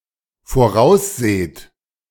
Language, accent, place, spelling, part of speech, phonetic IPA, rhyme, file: German, Germany, Berlin, vorausseht, verb, [foˈʁaʊ̯sˌzeːt], -aʊ̯szeːt, De-vorausseht.ogg
- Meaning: second-person plural dependent present of voraussehen